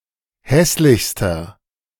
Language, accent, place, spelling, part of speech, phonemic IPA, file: German, Germany, Berlin, hässlichster, adjective, /ˈhɛslɪçstɐ/, De-hässlichster.ogg
- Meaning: inflection of hässlich: 1. strong/mixed nominative masculine singular superlative degree 2. strong genitive/dative feminine singular superlative degree 3. strong genitive plural superlative degree